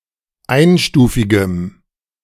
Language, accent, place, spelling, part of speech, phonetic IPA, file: German, Germany, Berlin, einstufigem, adjective, [ˈaɪ̯nˌʃtuːfɪɡəm], De-einstufigem.ogg
- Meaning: strong dative masculine/neuter singular of einstufig